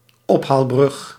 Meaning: 1. drawbridge 2. specifically, a type of drawbridge that uses a counterweight above the bridge deck to reduce the amount of power required to open
- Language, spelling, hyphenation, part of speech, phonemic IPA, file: Dutch, ophaalbrug, op‧haal‧brug, noun, /ˈɔpɦaːlˌbrʏx/, Nl-ophaalbrug.ogg